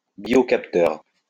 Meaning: biosensor
- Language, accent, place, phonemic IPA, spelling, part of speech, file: French, France, Lyon, /bjɔ.kap.tœʁ/, biocapteur, noun, LL-Q150 (fra)-biocapteur.wav